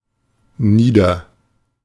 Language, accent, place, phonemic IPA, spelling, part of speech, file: German, Germany, Berlin, /ˈniː.dɐ/, nieder, adjective / adverb, De-nieder.ogg
- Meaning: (adjective) 1. low 2. mean 3. menial; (adverb) down